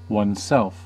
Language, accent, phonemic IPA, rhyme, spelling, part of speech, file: English, US, /wʌnˈsɛlf/, -ɛlf, oneself, pronoun, En-us-oneself.ogg
- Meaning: A person's self: general form of himself, herself, themselves or yourself